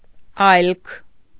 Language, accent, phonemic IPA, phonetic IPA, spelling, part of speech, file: Armenian, Eastern Armenian, /ɑjlkʰ/, [ɑjlkʰ], այլք, pronoun, Hy-այլք.ogg
- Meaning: others